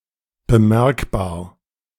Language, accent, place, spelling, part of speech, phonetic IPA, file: German, Germany, Berlin, bemerkbar, adjective, [bəˈmɛʁkbaːɐ̯], De-bemerkbar.ogg
- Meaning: noticeable, perceptible